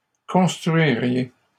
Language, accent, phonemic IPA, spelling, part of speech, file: French, Canada, /kɔ̃s.tʁɥi.ʁje/, construiriez, verb, LL-Q150 (fra)-construiriez.wav
- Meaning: second-person plural conditional of construire